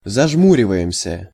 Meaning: first-person plural present indicative imperfective of зажму́риваться (zažmúrivatʹsja)
- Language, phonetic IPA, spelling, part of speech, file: Russian, [zɐʐˈmurʲɪvə(j)ɪmsʲə], зажмуриваемся, verb, Ru-зажмуриваемся.ogg